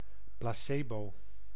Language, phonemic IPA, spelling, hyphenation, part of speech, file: Dutch, /ˌplaːˈseː.boː/, placebo, pla‧ce‧bo, noun, Nl-placebo.ogg
- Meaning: 1. placebo 2. sycophant